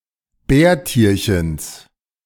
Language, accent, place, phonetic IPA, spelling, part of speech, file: German, Germany, Berlin, [ˈbɛːɐ̯ˌtiːɐ̯çəns], Bärtierchens, noun, De-Bärtierchens.ogg
- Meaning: genitive of Bärtierchen